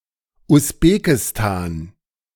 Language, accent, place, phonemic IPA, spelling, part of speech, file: German, Germany, Berlin, /ʊsˈbeːkɪstaːn/, Usbekistan, proper noun, De-Usbekistan.ogg
- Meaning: Uzbekistan (a country in Central Asia)